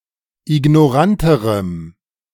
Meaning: strong dative masculine/neuter singular comparative degree of ignorant
- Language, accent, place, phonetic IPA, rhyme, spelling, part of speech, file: German, Germany, Berlin, [ɪɡnɔˈʁantəʁəm], -antəʁəm, ignoranterem, adjective, De-ignoranterem.ogg